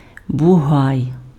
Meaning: 1. bull (uncastrated male of cattle) 2. bittern (nocturnal marsh wader of the heron family) 3. large, strong man
- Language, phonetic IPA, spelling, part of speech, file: Ukrainian, [bʊˈɦai̯], бугай, noun, Uk-бугай.ogg